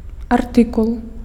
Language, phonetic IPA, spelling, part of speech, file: Belarusian, [arˈtɨkuɫ], артыкул, noun, Be-артыкул.ogg
- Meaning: 1. article (story, report, or opinion piece) 2. item, entry